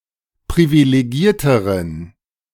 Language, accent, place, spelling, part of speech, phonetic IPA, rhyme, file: German, Germany, Berlin, privilegierteren, adjective, [pʁivileˈɡiːɐ̯təʁən], -iːɐ̯təʁən, De-privilegierteren.ogg
- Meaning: inflection of privilegiert: 1. strong genitive masculine/neuter singular comparative degree 2. weak/mixed genitive/dative all-gender singular comparative degree